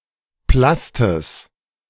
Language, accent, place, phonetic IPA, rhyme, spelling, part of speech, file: German, Germany, Berlin, [ˈplastəs], -astəs, Plastes, noun, De-Plastes.ogg
- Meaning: genitive singular of Plast